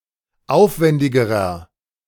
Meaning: inflection of aufwändig: 1. strong/mixed nominative masculine singular comparative degree 2. strong genitive/dative feminine singular comparative degree 3. strong genitive plural comparative degree
- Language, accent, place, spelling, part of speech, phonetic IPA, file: German, Germany, Berlin, aufwändigerer, adjective, [ˈaʊ̯fˌvɛndɪɡəʁɐ], De-aufwändigerer.ogg